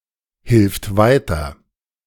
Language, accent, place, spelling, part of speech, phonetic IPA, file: German, Germany, Berlin, hilft weiter, verb, [ˌhɪlft ˈvaɪ̯tɐ], De-hilft weiter.ogg
- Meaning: third-person singular present of weiterhelfen